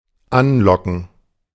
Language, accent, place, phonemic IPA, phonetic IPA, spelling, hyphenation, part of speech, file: German, Germany, Berlin, /ˈanˌlɔkən/, [ˈʔanˌlɔkŋ̍], anlocken, an‧lo‧cken, verb, De-anlocken.ogg
- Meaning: to lure